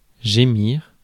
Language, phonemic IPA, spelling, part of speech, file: French, /ʒe.miʁ/, gémir, verb, Fr-gémir.ogg
- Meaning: to moan; to groan